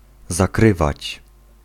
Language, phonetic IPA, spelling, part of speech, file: Polish, [zaˈkrɨvat͡ɕ], zakrywać, verb, Pl-zakrywać.ogg